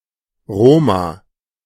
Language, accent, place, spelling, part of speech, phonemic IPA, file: German, Germany, Berlin, Roma, noun, /ˈroːma/, De-Roma.ogg
- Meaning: plural of Rom